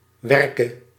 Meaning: singular present subjunctive of werken
- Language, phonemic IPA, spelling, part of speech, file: Dutch, /ˈʋɛrkə/, werke, verb, Nl-werke.ogg